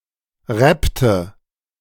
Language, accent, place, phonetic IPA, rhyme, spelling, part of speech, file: German, Germany, Berlin, [ˈʁɛptə], -ɛptə, rappte, verb, De-rappte.ogg
- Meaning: inflection of rappen: 1. first/third-person singular preterite 2. first/third-person singular subjunctive II